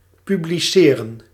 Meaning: 1. to publish 2. to proclaim, to announce
- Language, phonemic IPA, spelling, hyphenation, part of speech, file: Dutch, /ˌpy.bliˈseː.rə(n)/, publiceren, pu‧bli‧ce‧ren, verb, Nl-publiceren.ogg